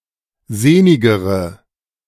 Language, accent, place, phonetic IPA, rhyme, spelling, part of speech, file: German, Germany, Berlin, [ˈzeːnɪɡəʁə], -eːnɪɡəʁə, sehnigere, adjective, De-sehnigere.ogg
- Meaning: inflection of sehnig: 1. strong/mixed nominative/accusative feminine singular comparative degree 2. strong nominative/accusative plural comparative degree